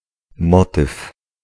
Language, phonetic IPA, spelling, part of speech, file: Polish, [ˈmɔtɨf], motyw, noun, Pl-motyw.ogg